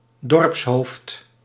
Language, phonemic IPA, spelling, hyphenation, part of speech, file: Dutch, /ˈdɔrps.ɦoːft/, dorpshoofd, dorps‧hoofd, noun, Nl-dorpshoofd.ogg
- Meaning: a village chief, a village leader